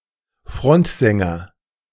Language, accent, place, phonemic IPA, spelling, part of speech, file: German, Germany, Berlin, /ˈfʁɔntzɛŋɐ/, Frontsänger, noun, De-Frontsänger.ogg
- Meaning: lead singer